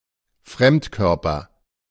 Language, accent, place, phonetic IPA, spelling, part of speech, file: German, Germany, Berlin, [ˈfʁɛmtˌkœʁpɐ], Fremdkörper, noun, De-Fremdkörper.ogg
- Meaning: foreign body